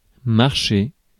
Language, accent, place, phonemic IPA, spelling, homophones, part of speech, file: French, France, Paris, /maʁ.ʃe/, marcher, marché / marchés, verb, Fr-marcher.ogg
- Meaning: 1. to walk 2. to travel; to move; to march 3. to work, to function 4. to step 5. to cooperate 6. to believe